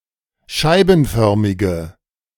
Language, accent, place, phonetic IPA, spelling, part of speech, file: German, Germany, Berlin, [ˈʃaɪ̯bn̩ˌfœʁmɪɡə], scheibenförmige, adjective, De-scheibenförmige.ogg
- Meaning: inflection of scheibenförmig: 1. strong/mixed nominative/accusative feminine singular 2. strong nominative/accusative plural 3. weak nominative all-gender singular